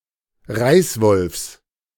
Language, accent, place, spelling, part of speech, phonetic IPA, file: German, Germany, Berlin, Reißwolfs, noun, [ˈʁaɪ̯sˌvɔlfs], De-Reißwolfs.ogg
- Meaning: genitive of Reißwolf